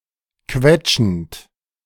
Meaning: present participle of quetschen
- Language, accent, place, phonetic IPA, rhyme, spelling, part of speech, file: German, Germany, Berlin, [ˈkvɛt͡ʃn̩t], -ɛt͡ʃn̩t, quetschend, verb, De-quetschend.ogg